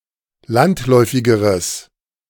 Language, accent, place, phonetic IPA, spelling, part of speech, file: German, Germany, Berlin, [ˈlantˌlɔɪ̯fɪɡəʁəs], landläufigeres, adjective, De-landläufigeres.ogg
- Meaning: strong/mixed nominative/accusative neuter singular comparative degree of landläufig